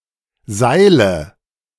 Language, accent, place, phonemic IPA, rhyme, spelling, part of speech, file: German, Germany, Berlin, /ˈzaɪ̯lə/, -aɪ̯lə, Seile, noun, De-Seile.ogg
- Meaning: nominative/accusative/genitive plural of Seil